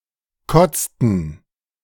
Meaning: inflection of kotzen: 1. first/third-person plural preterite 2. first/third-person plural subjunctive II
- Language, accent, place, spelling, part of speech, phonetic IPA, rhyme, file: German, Germany, Berlin, kotzten, verb, [ˈkɔt͡stn̩], -ɔt͡stn̩, De-kotzten.ogg